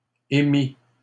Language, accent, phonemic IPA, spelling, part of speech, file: French, Canada, /e.mi/, émit, verb, LL-Q150 (fra)-émit.wav
- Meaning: third-person singular past historic of émettre